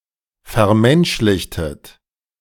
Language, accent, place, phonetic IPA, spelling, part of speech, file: German, Germany, Berlin, [fɛɐ̯ˈmɛnʃlɪçtət], vermenschlichtet, verb, De-vermenschlichtet.ogg
- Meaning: inflection of vermenschlichen: 1. second-person plural preterite 2. second-person plural subjunctive II